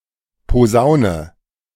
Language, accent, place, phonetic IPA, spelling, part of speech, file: German, Germany, Berlin, [poˈzaʊ̯nə], Posaune, noun, De-Posaune.ogg
- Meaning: trombone